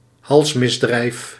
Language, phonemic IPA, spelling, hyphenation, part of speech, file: Dutch, /ˈɦɑlsˌmɪs.drɛi̯f/, halsmisdrijf, hals‧mis‧drijf, noun, Nl-halsmisdrijf.ogg
- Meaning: capital offence (Commonwealth), capital offense (US) (crime punishable with the death penalty)